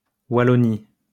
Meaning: Wallonia (a region of Belgium)
- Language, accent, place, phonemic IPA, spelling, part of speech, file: French, France, Lyon, /wa.lɔ.ni/, Wallonie, proper noun, LL-Q150 (fra)-Wallonie.wav